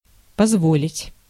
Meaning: 1. to allow, to permit 2. to afford (often as позволить себе) 3. excuse (me), sorry, pardon (me) (used to express objection, disagreement or reminding of some fact)
- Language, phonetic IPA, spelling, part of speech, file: Russian, [pɐzˈvolʲɪtʲ], позволить, verb, Ru-позволить.ogg